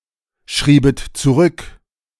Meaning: second-person plural subjunctive II of zurückschreiben
- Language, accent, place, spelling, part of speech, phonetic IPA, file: German, Germany, Berlin, schriebet zurück, verb, [ˌʃʁiːbət t͡suˈʁʏk], De-schriebet zurück.ogg